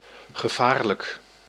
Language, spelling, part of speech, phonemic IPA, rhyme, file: Dutch, gevaarlijk, adjective, /ɣəˈvaːr.lək/, -aːrlək, Nl-gevaarlijk.ogg
- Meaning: dangerous